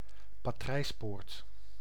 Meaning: porthole
- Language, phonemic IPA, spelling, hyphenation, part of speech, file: Dutch, /paːˈtrɛi̯sˌpoːrt/, patrijspoort, pa‧trijs‧poort, noun, Nl-patrijspoort.ogg